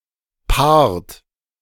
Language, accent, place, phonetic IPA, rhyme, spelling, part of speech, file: German, Germany, Berlin, [paːɐ̯t], -aːɐ̯t, paart, verb, De-paart.ogg
- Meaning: inflection of paaren: 1. third-person singular present 2. second-person plural present 3. plural imperative